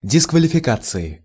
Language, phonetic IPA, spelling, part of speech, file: Russian, [dʲɪskvəlʲɪfʲɪˈkat͡sɨɪ], дисквалификации, noun, Ru-дисквалификации.ogg
- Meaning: inflection of дисквалифика́ция (diskvalifikácija): 1. genitive/dative/prepositional singular 2. nominative/accusative plural